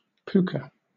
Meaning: A small, usually perforated, wave- and beach-polished shell fragment formed from the spire of a cone, found along beaches of Pacific islands, and used especially to make necklaces
- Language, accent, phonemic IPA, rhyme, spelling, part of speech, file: English, Southern England, /ˈpuːkə/, -uːkə, puka, noun, LL-Q1860 (eng)-puka.wav